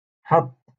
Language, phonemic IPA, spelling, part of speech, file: Moroccan Arabic, /ħatˤː/, حط, verb, LL-Q56426 (ary)-حط.wav
- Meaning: to put